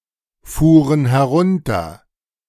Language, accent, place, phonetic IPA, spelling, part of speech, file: German, Germany, Berlin, [ˌfuːʁən hɛˈʁʊntɐ], fuhren herunter, verb, De-fuhren herunter.ogg
- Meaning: first/third-person plural preterite of herunterfahren